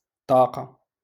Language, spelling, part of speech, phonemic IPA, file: Moroccan Arabic, طاقة, noun, /tˤaː.qa/, LL-Q56426 (ary)-طاقة.wav
- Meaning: window